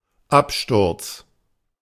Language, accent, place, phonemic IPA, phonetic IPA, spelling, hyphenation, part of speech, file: German, Germany, Berlin, /ˈapʃtʊʁts/, [ˈʔapʃtʊɐ̯ts], Absturz, Ab‧sturz, noun, De-Absturz.ogg
- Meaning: 1. crash 2. downfall, ruin 3. heavy drinking